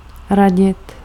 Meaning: 1. [with dative ‘’] to advise 2. to advise 3. to confer, to consult
- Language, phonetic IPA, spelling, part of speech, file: Czech, [ˈraɟɪt], radit, verb, Cs-radit.ogg